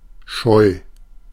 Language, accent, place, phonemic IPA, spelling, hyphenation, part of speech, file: German, Germany, Berlin, /ʃɔɪ̯/, Scheu, Scheu, noun, De-Scheu.ogg
- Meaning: shyness